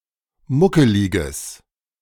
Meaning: strong/mixed nominative/accusative neuter singular of muckelig
- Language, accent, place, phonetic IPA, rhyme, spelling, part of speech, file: German, Germany, Berlin, [ˈmʊkəlɪɡəs], -ʊkəlɪɡəs, muckeliges, adjective, De-muckeliges.ogg